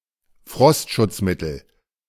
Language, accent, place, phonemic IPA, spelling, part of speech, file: German, Germany, Berlin, /ˈfʁɔstʃʊtsˌmɪtəl/, Frostschutzmittel, noun, De-Frostschutzmittel.ogg
- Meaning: antifreeze (a substance used to lower the freezing point of water)